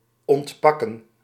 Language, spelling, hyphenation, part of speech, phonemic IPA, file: Dutch, ontpakken, ont‧pak‧ken, verb, /ˌɔntˈpɑ.kə(n)/, Nl-ontpakken.ogg
- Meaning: to unpack